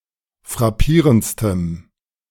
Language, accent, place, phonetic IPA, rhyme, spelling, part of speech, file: German, Germany, Berlin, [fʁaˈpiːʁənt͡stəm], -iːʁənt͡stəm, frappierendstem, adjective, De-frappierendstem.ogg
- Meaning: strong dative masculine/neuter singular superlative degree of frappierend